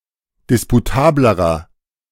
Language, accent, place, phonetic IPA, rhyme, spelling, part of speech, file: German, Germany, Berlin, [ˌdɪspuˈtaːbləʁɐ], -aːbləʁɐ, disputablerer, adjective, De-disputablerer.ogg
- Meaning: inflection of disputabel: 1. strong/mixed nominative masculine singular comparative degree 2. strong genitive/dative feminine singular comparative degree 3. strong genitive plural comparative degree